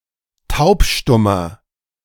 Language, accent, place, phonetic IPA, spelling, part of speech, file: German, Germany, Berlin, [ˈtaʊ̯pˌʃtʊmɐ], taubstummer, adjective, De-taubstummer.ogg
- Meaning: inflection of taubstumm: 1. strong/mixed nominative masculine singular 2. strong genitive/dative feminine singular 3. strong genitive plural